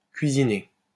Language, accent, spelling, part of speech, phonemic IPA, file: French, France, cuisiné, verb, /kɥi.zi.ne/, LL-Q150 (fra)-cuisiné.wav
- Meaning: past participle of cuisiner